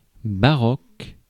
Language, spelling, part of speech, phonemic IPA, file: French, baroque, adjective, /ba.ʁɔk/, Fr-baroque.ogg
- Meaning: baroque (all senses)